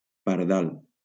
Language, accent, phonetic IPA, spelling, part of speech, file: Catalan, Valencia, [paɾˈðal], pardal, noun, LL-Q7026 (cat)-pardal.wav
- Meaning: 1. sparrow 2. bird